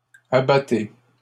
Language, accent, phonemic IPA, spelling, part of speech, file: French, Canada, /a.ba.te/, abattez, verb, LL-Q150 (fra)-abattez.wav
- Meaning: inflection of abattre: 1. second-person plural present indicative 2. second-person plural imperative